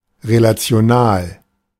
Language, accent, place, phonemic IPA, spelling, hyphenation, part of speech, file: German, Germany, Berlin, /ʁelat͡sɪ̯oˈnaːl/, relational, re‧la‧ti‧o‧nal, adjective, De-relational.ogg
- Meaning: relational